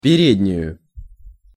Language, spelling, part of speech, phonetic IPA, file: Russian, переднюю, noun, [pʲɪˈrʲedʲnʲʉjʊ], Ru-переднюю.ogg
- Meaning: accusative singular of пере́дняя (perédnjaja)